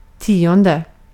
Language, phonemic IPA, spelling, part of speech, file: Swedish, /ˈtiːˌɔndɛ/, tionde, adjective / noun, Sv-tionde.ogg
- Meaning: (adjective) tenth; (noun) tithe, a tax paid to the church by farmers during the Middle Ages, consisting of one tenth of the production of the farm